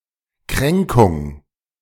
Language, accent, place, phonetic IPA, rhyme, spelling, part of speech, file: German, Germany, Berlin, [ˈkʁɛŋkʊŋ], -ɛŋkʊŋ, Kränkung, noun, De-Kränkung.ogg
- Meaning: slight, affront